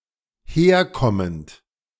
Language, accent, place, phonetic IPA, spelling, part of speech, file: German, Germany, Berlin, [ˈheːɐ̯ˌkɔmənt], herkommend, verb, De-herkommend.ogg
- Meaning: present participle of herkommen